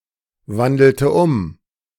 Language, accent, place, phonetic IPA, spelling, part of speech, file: German, Germany, Berlin, [ˌvandl̩tə ˈʊm], wandelte um, verb, De-wandelte um.ogg
- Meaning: inflection of umwandeln: 1. first/third-person singular preterite 2. first/third-person singular subjunctive II